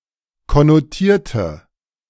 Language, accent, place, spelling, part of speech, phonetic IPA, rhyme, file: German, Germany, Berlin, konnotierte, adjective / verb, [kɔnoˈtiːɐ̯tə], -iːɐ̯tə, De-konnotierte.ogg
- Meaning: inflection of konnotieren: 1. first/third-person singular preterite 2. first/third-person singular subjunctive II